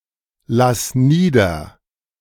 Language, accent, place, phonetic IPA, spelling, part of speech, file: German, Germany, Berlin, [ˌlas ˈniːdɐ], lass nieder, verb, De-lass nieder.ogg
- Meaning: singular imperative of niederlassen